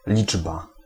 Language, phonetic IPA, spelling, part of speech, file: Polish, [ˈlʲid͡ʒba], liczba, noun, Pl-liczba.ogg